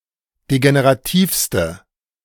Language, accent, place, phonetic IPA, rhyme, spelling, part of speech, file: German, Germany, Berlin, [deɡeneʁaˈtiːfstə], -iːfstə, degenerativste, adjective, De-degenerativste.ogg
- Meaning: inflection of degenerativ: 1. strong/mixed nominative/accusative feminine singular superlative degree 2. strong nominative/accusative plural superlative degree